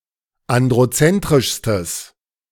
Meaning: strong/mixed nominative/accusative neuter singular superlative degree of androzentrisch
- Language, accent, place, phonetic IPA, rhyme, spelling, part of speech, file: German, Germany, Berlin, [ˌandʁoˈt͡sɛntʁɪʃstəs], -ɛntʁɪʃstəs, androzentrischstes, adjective, De-androzentrischstes.ogg